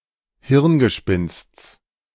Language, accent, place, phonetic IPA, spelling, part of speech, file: German, Germany, Berlin, [ˈhɪʁnɡəˌʃpɪnst͡s], Hirngespinsts, noun, De-Hirngespinsts.ogg
- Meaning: genitive singular of Hirngespinst